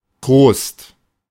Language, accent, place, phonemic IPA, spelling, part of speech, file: German, Germany, Berlin, /tʁoːst/, Trost, noun, De-Trost.ogg
- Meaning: consolation